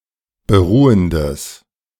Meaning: strong/mixed nominative/accusative neuter singular of beruhend
- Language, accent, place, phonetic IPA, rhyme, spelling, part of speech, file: German, Germany, Berlin, [bəˈʁuːəndəs], -uːəndəs, beruhendes, adjective, De-beruhendes.ogg